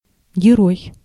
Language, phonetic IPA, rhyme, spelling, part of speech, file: Russian, [ɡʲɪˈroj], -oj, герой, noun, Ru-герой.ogg
- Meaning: 1. hero 2. character